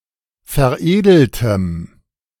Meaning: strong dative masculine/neuter singular of veredelt
- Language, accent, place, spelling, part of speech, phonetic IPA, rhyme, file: German, Germany, Berlin, veredeltem, adjective, [fɛɐ̯ˈʔeːdl̩təm], -eːdl̩təm, De-veredeltem.ogg